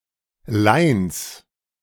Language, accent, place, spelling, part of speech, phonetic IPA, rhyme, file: German, Germany, Berlin, Leins, noun, [laɪ̯ns], -aɪ̯ns, De-Leins.ogg
- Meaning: genitive singular of Lein